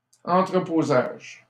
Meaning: warehousing (storage in a warehouse)
- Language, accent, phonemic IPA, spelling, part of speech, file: French, Canada, /ɑ̃.tʁə.po.zaʒ/, entreposage, noun, LL-Q150 (fra)-entreposage.wav